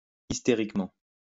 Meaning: hysterically
- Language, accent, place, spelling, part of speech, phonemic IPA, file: French, France, Lyon, hystériquement, adverb, /is.te.ʁik.mɑ̃/, LL-Q150 (fra)-hystériquement.wav